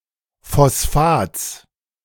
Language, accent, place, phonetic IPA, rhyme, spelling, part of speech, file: German, Germany, Berlin, [fɔsˈfaːt͡s], -aːt͡s, Phosphats, noun, De-Phosphats.ogg
- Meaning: genitive singular of Phosphat